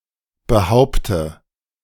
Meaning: inflection of behaupten: 1. first-person singular present 2. first/third-person singular subjunctive I 3. singular imperative
- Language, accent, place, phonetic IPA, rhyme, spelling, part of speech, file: German, Germany, Berlin, [bəˈhaʊ̯ptə], -aʊ̯ptə, behaupte, verb, De-behaupte.ogg